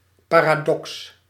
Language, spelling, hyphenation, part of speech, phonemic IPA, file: Dutch, paradox, pa‧ra‧dox, noun, /ˌpaː.raːˈdɔks/, Nl-paradox.ogg
- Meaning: paradox